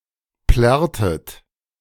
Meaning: inflection of plärren: 1. second-person plural preterite 2. second-person plural subjunctive II
- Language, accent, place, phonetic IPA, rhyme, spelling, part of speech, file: German, Germany, Berlin, [ˈplɛʁtət], -ɛʁtət, plärrtet, verb, De-plärrtet.ogg